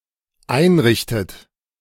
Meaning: inflection of einrichten: 1. third-person singular dependent present 2. second-person plural dependent present 3. second-person plural dependent subjunctive I
- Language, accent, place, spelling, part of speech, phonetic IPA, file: German, Germany, Berlin, einrichtet, verb, [ˈaɪ̯nˌʁɪçtət], De-einrichtet.ogg